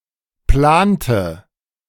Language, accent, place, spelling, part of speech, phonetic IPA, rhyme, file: German, Germany, Berlin, plante, verb, [ˈplaːntə], -aːntə, De-plante.ogg
- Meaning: inflection of planen: 1. first/third-person singular preterite 2. first/third-person singular subjunctive II